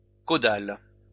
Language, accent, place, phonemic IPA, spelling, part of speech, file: French, France, Lyon, /ko.dal/, caudal, adjective, LL-Q150 (fra)-caudal.wav
- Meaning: caudal